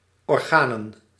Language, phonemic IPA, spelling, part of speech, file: Dutch, /ɔrˈɣanə(n)/, organen, noun, Nl-organen.ogg
- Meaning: plural of orgaan